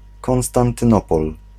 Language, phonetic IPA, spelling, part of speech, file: Polish, [ˌkɔ̃w̃stãntɨ̃ˈnɔpɔl], Konstantynopol, proper noun, Pl-Konstantynopol.ogg